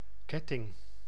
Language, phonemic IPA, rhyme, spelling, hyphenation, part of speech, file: Dutch, /ˈkɛ.tɪŋ/, -ɛtɪŋ, ketting, ket‧ting, noun, Nl-ketting.ogg
- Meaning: 1. chain (a series of interconnected rings or links) 2. necklace